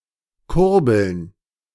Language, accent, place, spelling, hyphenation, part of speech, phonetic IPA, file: German, Germany, Berlin, Kurbeln, Kur‧beln, noun, [ˈkʊʁbl̩n], De-Kurbeln.ogg
- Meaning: plural of Kurbel